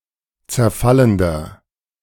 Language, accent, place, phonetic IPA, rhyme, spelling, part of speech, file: German, Germany, Berlin, [t͡sɛɐ̯ˈfaləndɐ], -aləndɐ, zerfallender, adjective, De-zerfallender.ogg
- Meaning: inflection of zerfallend: 1. strong/mixed nominative masculine singular 2. strong genitive/dative feminine singular 3. strong genitive plural